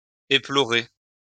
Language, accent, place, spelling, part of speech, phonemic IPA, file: French, France, Lyon, éplorer, verb, /e.plɔ.ʁe/, LL-Q150 (fra)-éplorer.wav
- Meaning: to cry